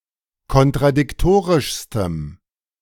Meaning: strong dative masculine/neuter singular superlative degree of kontradiktorisch
- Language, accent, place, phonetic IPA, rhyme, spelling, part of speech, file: German, Germany, Berlin, [kɔntʁadɪkˈtoːʁɪʃstəm], -oːʁɪʃstəm, kontradiktorischstem, adjective, De-kontradiktorischstem.ogg